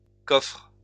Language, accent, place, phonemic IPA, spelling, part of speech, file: French, France, Lyon, /kɔfʁ/, coffres, noun / verb, LL-Q150 (fra)-coffres.wav
- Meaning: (noun) plural of coffre; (verb) second-person singular present indicative/subjunctive of coffrer